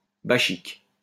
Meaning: 1. bacchic 2. Bacchanalian
- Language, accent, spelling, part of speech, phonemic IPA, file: French, France, bachique, adjective, /ba.ʃik/, LL-Q150 (fra)-bachique.wav